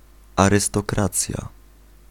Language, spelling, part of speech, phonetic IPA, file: Polish, arystokracja, noun, [ˌarɨstɔˈkrat͡sʲja], Pl-arystokracja.ogg